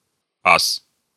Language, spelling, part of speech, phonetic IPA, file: Russian, ас, noun, [as], Ru-ас.ogg
- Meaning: 1. ace (a pilot or tank commander who has destroyed a large number of enemy aircraft/tanks) 2. ace (expert) 3. as (Roman coin)